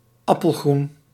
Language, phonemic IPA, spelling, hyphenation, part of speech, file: Dutch, /ˈɑ.pəlˌɣrun/, appelgroen, ap‧pel‧groen, adjective / noun, Nl-appelgroen.ogg
- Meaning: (adjective) apple-green; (noun) apple-green (colour)